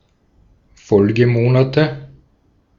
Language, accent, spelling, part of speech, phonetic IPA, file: German, Austria, Folgemonate, noun, [ˈfɔlɡəˌmoːnatə], De-at-Folgemonate.ogg
- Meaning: nominative/accusative/genitive plural of Folgemonat